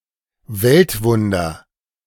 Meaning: world wonder (i.e. Wonders of the World)
- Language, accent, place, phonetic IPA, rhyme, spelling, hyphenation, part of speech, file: German, Germany, Berlin, [ˈvɛltˌvʊndɐ], -ʊndɐ, Weltwunder, Welt‧wun‧der, noun, De-Weltwunder.ogg